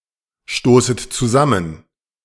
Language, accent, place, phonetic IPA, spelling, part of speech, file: German, Germany, Berlin, [ˌʃtoːsət t͡suˈzamən], stoßet zusammen, verb, De-stoßet zusammen.ogg
- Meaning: second-person plural subjunctive I of zusammenstoßen